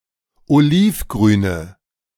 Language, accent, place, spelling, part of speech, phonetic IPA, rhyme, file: German, Germany, Berlin, olivgrüne, adjective, [oˈliːfˌɡʁyːnə], -iːfɡʁyːnə, De-olivgrüne.ogg
- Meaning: inflection of olivgrün: 1. strong/mixed nominative/accusative feminine singular 2. strong nominative/accusative plural 3. weak nominative all-gender singular